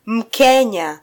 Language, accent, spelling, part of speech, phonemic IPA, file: Swahili, Kenya, Mkenya, noun, /m̩ˈkɛ.ɲɑ/, Sw-ke-Mkenya.flac
- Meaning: Kenyan